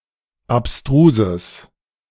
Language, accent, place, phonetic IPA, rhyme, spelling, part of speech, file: German, Germany, Berlin, [apˈstʁuːzəs], -uːzəs, abstruses, adjective, De-abstruses.ogg
- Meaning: strong/mixed nominative/accusative neuter singular of abstrus